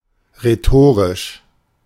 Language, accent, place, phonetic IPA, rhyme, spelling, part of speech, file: German, Germany, Berlin, [ʁeˈtoːʁɪʃ], -oːʁɪʃ, rhetorisch, adjective, De-rhetorisch.ogg
- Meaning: rhetorical